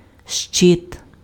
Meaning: 1. shield 2. panel 3. tortoiseshell
- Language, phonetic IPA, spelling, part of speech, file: Ukrainian, [ʃt͡ʃɪt], щит, noun, Uk-щит.ogg